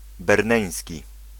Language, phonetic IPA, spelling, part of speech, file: Polish, [bɛrˈnɛ̃j̃sʲci], berneński, adjective, Pl-berneński.ogg